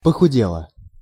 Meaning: feminine singular past indicative perfective of похуде́ть (poxudétʹ)
- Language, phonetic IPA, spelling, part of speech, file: Russian, [pəxʊˈdʲeɫə], похудела, verb, Ru-похудела.ogg